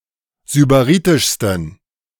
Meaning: 1. superlative degree of sybaritisch 2. inflection of sybaritisch: strong genitive masculine/neuter singular superlative degree
- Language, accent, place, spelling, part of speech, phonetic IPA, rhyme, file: German, Germany, Berlin, sybaritischsten, adjective, [zybaˈʁiːtɪʃstn̩], -iːtɪʃstn̩, De-sybaritischsten.ogg